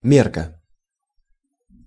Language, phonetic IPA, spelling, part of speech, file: Russian, [ˈmʲerkə], мерка, noun, Ru-мерка.ogg
- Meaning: 1. measure(s), measurements 2. measuring rod, yardstick 3. yardstick, criterion